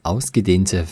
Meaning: inflection of ausgedehnt: 1. strong/mixed nominative/accusative feminine singular 2. strong nominative/accusative plural 3. weak nominative all-gender singular
- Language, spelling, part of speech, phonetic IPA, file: German, ausgedehnte, adjective, [ˈaʊ̯sɡəˌdeːntə], De-ausgedehnte.ogg